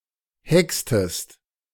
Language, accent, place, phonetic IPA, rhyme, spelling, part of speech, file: German, Germany, Berlin, [ˈhɛkstəst], -ɛkstəst, hextest, verb, De-hextest.ogg
- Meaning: inflection of hexen: 1. second-person singular preterite 2. second-person singular subjunctive II